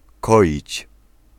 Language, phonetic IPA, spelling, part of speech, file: Polish, [ˈkɔʲit͡ɕ], koić, verb, Pl-koić.ogg